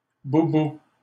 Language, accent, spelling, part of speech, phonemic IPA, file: French, Canada, boubou, noun, /bu.bu/, LL-Q150 (fra)-boubou.wav
- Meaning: boubou (African robe)